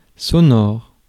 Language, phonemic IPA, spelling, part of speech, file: French, /sɔ.nɔʁ/, sonore, adjective / noun, Fr-sonore.ogg
- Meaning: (adjective) 1. resonant, echoing 2. resounding (slap, kiss etc.) 3. sound(-) 4. voiced; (noun) soundbite